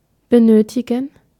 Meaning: to need, to require
- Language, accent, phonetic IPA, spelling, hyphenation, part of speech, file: German, Germany, [bəˈnøːtʰɪɡŋ̍], benötigen, be‧nö‧ti‧gen, verb, De-benötigen.ogg